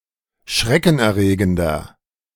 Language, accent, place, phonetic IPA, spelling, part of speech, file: German, Germany, Berlin, [ˈʃʁɛkn̩ʔɛɐ̯ˌʁeːɡəndɐ], schreckenerregender, adjective, De-schreckenerregender.ogg
- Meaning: 1. comparative degree of schreckenerregend 2. inflection of schreckenerregend: strong/mixed nominative masculine singular 3. inflection of schreckenerregend: strong genitive/dative feminine singular